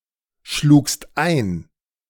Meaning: second-person singular preterite of einschlagen
- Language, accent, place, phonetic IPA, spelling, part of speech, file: German, Germany, Berlin, [ˌʃluːkst ˈaɪ̯n], schlugst ein, verb, De-schlugst ein.ogg